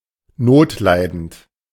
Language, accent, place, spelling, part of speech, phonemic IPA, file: German, Germany, Berlin, notleidend, adjective, /ˈnoːtˌlaɪ̯dənt/, De-notleidend.ogg
- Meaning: 1. destitute 2. defaulting